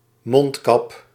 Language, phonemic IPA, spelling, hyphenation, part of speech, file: Dutch, /ˈmɔnt.kɑp/, mondkap, mond‧kap, noun, Nl-mondkap.ogg
- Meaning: a protective covering for the mouth and usually also the nose, such as a surgical mask